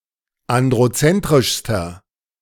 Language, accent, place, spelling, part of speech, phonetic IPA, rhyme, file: German, Germany, Berlin, androzentrischster, adjective, [ˌandʁoˈt͡sɛntʁɪʃstɐ], -ɛntʁɪʃstɐ, De-androzentrischster.ogg
- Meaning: inflection of androzentrisch: 1. strong/mixed nominative masculine singular superlative degree 2. strong genitive/dative feminine singular superlative degree